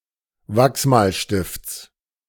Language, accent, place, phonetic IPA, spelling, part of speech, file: German, Germany, Berlin, [ˈvaksmaːlʃtɪft͡s], Wachsmalstifts, noun, De-Wachsmalstifts.ogg
- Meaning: genitive singular of Wachsmalstift